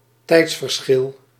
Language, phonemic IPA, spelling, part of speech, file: Dutch, /ˈtɛitsfərˌsxɪl/, tijdsverschil, noun, Nl-tijdsverschil.ogg
- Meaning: time difference